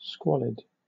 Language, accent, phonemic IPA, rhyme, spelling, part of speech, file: English, Southern England, /ˈskwɒlɪd/, -ɒlɪd, squalid, adjective, LL-Q1860 (eng)-squalid.wav
- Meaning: 1. Extremely dirty and unpleasant 2. Showing or characterized by a contemptible lack of moral standards